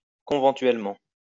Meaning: conventually (in a conventual manner)
- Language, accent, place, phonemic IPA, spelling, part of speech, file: French, France, Lyon, /kɔ̃.vɑ̃.tɥɛl.mɑ̃/, conventuellement, adverb, LL-Q150 (fra)-conventuellement.wav